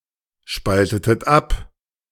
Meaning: inflection of abspalten: 1. second-person plural preterite 2. second-person plural subjunctive II
- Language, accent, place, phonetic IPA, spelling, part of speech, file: German, Germany, Berlin, [ˌʃpaltətət ˈap], spaltetet ab, verb, De-spaltetet ab.ogg